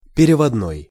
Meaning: 1. translated, in translation 2. money order
- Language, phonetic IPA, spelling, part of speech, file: Russian, [pʲɪrʲɪvɐdˈnoj], переводной, adjective, Ru-переводной.ogg